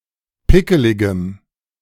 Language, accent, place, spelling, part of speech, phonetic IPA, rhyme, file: German, Germany, Berlin, pickeligem, adjective, [ˈpɪkəlɪɡəm], -ɪkəlɪɡəm, De-pickeligem.ogg
- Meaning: strong dative masculine/neuter singular of pickelig